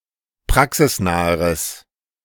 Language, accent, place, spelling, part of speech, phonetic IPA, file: German, Germany, Berlin, praxisnaheres, adjective, [ˈpʁaksɪsˌnaːəʁəs], De-praxisnaheres.ogg
- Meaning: strong/mixed nominative/accusative neuter singular comparative degree of praxisnah